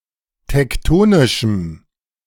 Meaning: strong dative masculine/neuter singular of tektonisch
- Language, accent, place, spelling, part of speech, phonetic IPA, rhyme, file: German, Germany, Berlin, tektonischem, adjective, [tɛkˈtoːnɪʃm̩], -oːnɪʃm̩, De-tektonischem.ogg